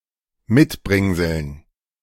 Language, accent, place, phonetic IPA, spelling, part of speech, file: German, Germany, Berlin, [ˈmɪtˌbʁɪŋzl̩n], Mitbringseln, noun, De-Mitbringseln.ogg
- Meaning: dative plural of Mitbringsel